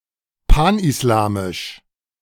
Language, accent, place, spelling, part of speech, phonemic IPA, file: German, Germany, Berlin, panislamisch, adjective, /ˌpanʔɪsˈlaːmɪʃ/, De-panislamisch.ogg
- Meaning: Pan-Islamic